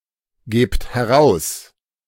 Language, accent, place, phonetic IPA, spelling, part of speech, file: German, Germany, Berlin, [ˌɡeːpt hɛˈʁaʊ̯s], gebt heraus, verb, De-gebt heraus.ogg
- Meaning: inflection of herausgeben: 1. second-person plural present 2. plural imperative